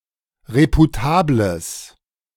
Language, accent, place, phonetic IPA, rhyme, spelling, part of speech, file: German, Germany, Berlin, [ˌʁepuˈtaːbləs], -aːbləs, reputables, adjective, De-reputables.ogg
- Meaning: strong/mixed nominative/accusative neuter singular of reputabel